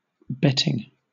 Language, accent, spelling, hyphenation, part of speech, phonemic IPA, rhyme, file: English, Southern England, betting, bet‧ting, adjective / verb / noun, /ˈbɛ.tɪŋ/, -ɛtɪŋ, LL-Q1860 (eng)-betting.wav
- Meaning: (adjective) Describing one who bets or gambles; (verb) present participle and gerund of bet; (noun) The act of placing a bet